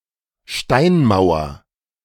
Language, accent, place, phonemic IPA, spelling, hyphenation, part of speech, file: German, Germany, Berlin, /ˈʃtaɪnˌmaʊ̯ɐ/, Steinmauer, Stein‧mau‧er, noun, De-Steinmauer.ogg
- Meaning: stone wall